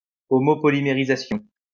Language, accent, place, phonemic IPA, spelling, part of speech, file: French, France, Lyon, /ɔ.mɔ.pɔ.li.me.ʁi.za.sjɔ̃/, homopolymérisation, noun, LL-Q150 (fra)-homopolymérisation.wav
- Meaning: homopolymerization